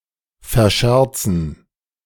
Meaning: to squander through foolish behaviour
- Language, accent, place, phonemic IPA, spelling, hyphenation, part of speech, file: German, Germany, Berlin, /fɛɐ̯ˈʃɛʁt͡sn̩/, verscherzen, ver‧scher‧zen, verb, De-verscherzen.ogg